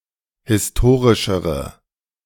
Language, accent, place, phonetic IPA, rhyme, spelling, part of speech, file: German, Germany, Berlin, [hɪsˈtoːʁɪʃəʁə], -oːʁɪʃəʁə, historischere, adjective, De-historischere.ogg
- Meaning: inflection of historisch: 1. strong/mixed nominative/accusative feminine singular comparative degree 2. strong nominative/accusative plural comparative degree